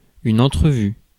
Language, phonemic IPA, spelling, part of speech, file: French, /ɑ̃.tʁə.vy/, entrevue, noun, Fr-entrevue.ogg
- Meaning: interview